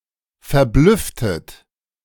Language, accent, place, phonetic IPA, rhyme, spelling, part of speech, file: German, Germany, Berlin, [fɛɐ̯ˈblʏftət], -ʏftət, verblüfftet, verb, De-verblüfftet.ogg
- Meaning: inflection of verblüffen: 1. second-person plural preterite 2. second-person plural subjunctive II